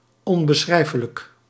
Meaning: indescribable, unspeakable
- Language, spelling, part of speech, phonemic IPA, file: Dutch, onbeschrijfelijk, adjective / adverb, /ˌɔmbəˈsxrɛifələk/, Nl-onbeschrijfelijk.ogg